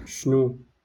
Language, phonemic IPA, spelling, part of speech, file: Moroccan Arabic, /ʃnuː/, شنو, pronoun, LL-Q56426 (ary)-شنو.wav
- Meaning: what?